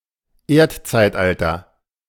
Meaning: geological era
- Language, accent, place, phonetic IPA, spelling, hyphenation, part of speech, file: German, Germany, Berlin, [ˈeːɐ̯tt͡saɪ̯tˌʔaltɐ], Erdzeitalter, Erd‧zeit‧al‧ter, noun, De-Erdzeitalter.ogg